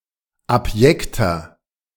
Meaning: 1. comparative degree of abjekt 2. inflection of abjekt: strong/mixed nominative masculine singular 3. inflection of abjekt: strong genitive/dative feminine singular
- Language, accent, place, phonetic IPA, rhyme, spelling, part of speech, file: German, Germany, Berlin, [apˈjɛktɐ], -ɛktɐ, abjekter, adjective, De-abjekter.ogg